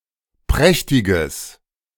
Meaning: strong/mixed nominative/accusative neuter singular of prächtig
- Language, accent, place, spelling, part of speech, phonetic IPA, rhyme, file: German, Germany, Berlin, prächtiges, adjective, [ˈpʁɛçtɪɡəs], -ɛçtɪɡəs, De-prächtiges.ogg